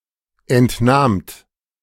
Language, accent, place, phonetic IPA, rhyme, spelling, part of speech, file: German, Germany, Berlin, [ɛntˈnaːmt], -aːmt, entnahmt, verb, De-entnahmt.ogg
- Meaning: second-person plural preterite of entnehmen